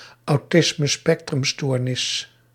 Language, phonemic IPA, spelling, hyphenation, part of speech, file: Dutch, /ɑu̯ˈtɪs.mə.spɛk.trʏmˌstoːr.nɪs/, autismespectrumstoornis, au‧tis‧me‧spec‧trum‧stoor‧nis, noun, Nl-autismespectrumstoornis.ogg
- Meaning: autism spectrum disorder